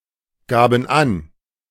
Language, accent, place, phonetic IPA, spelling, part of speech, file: German, Germany, Berlin, [ˌɡaːbn̩ ˈan], gaben an, verb, De-gaben an.ogg
- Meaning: first/third-person plural preterite of angeben